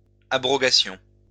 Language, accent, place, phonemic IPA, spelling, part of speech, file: French, France, Lyon, /a.bʁɔ.ɡa.sjɔ̃/, abrogations, noun, LL-Q150 (fra)-abrogations.wav
- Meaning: plural of abrogation